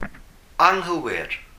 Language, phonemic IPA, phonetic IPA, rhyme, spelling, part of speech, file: Welsh, /aŋˈhəwɪr/, [aŋˈɦəwɪr], -əwɪr, anghywir, adjective, Cy-anghywir.ogg
- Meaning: false (untrue, not factual, wrong)